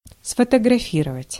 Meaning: to photograph
- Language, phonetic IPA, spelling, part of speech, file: Russian, [sfətəɡrɐˈfʲirəvətʲ], сфотографировать, verb, Ru-сфотографировать.ogg